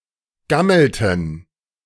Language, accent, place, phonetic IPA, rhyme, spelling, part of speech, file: German, Germany, Berlin, [ˈɡaml̩tn̩], -aml̩tn̩, gammelten, verb, De-gammelten.ogg
- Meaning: inflection of gammeln: 1. first/third-person plural preterite 2. first/third-person plural subjunctive II